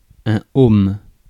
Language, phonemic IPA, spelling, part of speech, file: French, /om/, ohm, noun, Fr-ohm.ogg
- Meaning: ohm